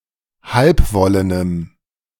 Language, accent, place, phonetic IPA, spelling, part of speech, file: German, Germany, Berlin, [ˈhalpˌvɔlənəm], halbwollenem, adjective, De-halbwollenem.ogg
- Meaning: strong dative masculine/neuter singular of halbwollen